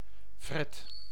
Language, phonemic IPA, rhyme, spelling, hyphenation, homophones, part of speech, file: Dutch, /frɛt/, -ɛt, fret, fret, Fred, noun, Nl-fret.ogg
- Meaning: 1. ferret, Mustela putorius furo 2. fret, on the neck on for example a guitar